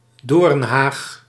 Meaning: a hedge of thorns
- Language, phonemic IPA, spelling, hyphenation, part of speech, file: Dutch, /ˈdoːrn.ɦaːx/, doornhaag, doorn‧haag, noun, Nl-doornhaag.ogg